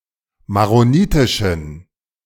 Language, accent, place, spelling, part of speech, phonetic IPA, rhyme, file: German, Germany, Berlin, maronitischen, adjective, [maʁoˈniːtɪʃn̩], -iːtɪʃn̩, De-maronitischen.ogg
- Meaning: inflection of maronitisch: 1. strong genitive masculine/neuter singular 2. weak/mixed genitive/dative all-gender singular 3. strong/weak/mixed accusative masculine singular 4. strong dative plural